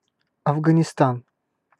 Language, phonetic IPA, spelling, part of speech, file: Russian, [ɐvɡənʲɪˈstan], Афганистан, proper noun, Ru-Афганистан.ogg
- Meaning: 1. Afghanistan (a landlocked country between Central Asia and South Asia) 2. The Soviet–Afghan War